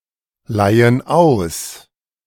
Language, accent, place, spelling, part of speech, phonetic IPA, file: German, Germany, Berlin, leihen aus, verb, [ˌlaɪ̯ən ˈaʊ̯s], De-leihen aus.ogg
- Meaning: inflection of ausleihen: 1. first/third-person plural present 2. first/third-person plural subjunctive I